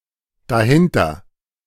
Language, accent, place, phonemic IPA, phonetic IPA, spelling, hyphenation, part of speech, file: German, Germany, Berlin, /daˈhɪntəʁ/, [daˈhɪntʰɐ], dahinter, da‧hin‧ter, adverb, De-dahinter.ogg
- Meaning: behind it/that